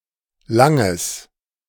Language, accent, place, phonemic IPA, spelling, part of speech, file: German, Germany, Berlin, /ˈlaŋəs/, langes, adjective, De-langes.ogg
- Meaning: strong/mixed nominative/accusative neuter singular of lang